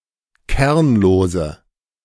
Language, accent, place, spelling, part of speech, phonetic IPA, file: German, Germany, Berlin, kernlose, adjective, [ˈkɛʁnloːzə], De-kernlose.ogg
- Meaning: inflection of kernlos: 1. strong/mixed nominative/accusative feminine singular 2. strong nominative/accusative plural 3. weak nominative all-gender singular 4. weak accusative feminine/neuter singular